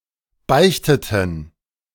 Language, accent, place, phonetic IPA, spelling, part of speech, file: German, Germany, Berlin, [ˈbaɪ̯çtətn̩], beichteten, verb, De-beichteten.ogg
- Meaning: inflection of beichten: 1. first/third-person plural preterite 2. first/third-person plural subjunctive II